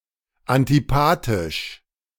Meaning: antipathic
- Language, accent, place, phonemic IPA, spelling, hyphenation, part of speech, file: German, Germany, Berlin, /ˈantiˌpaːtɪʃ/, antipathisch, an‧ti‧pa‧thisch, adjective, De-antipathisch.ogg